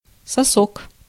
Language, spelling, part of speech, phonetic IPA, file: Russian, сосок, noun, [sɐˈsok], Ru-сосок.ogg
- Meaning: nipple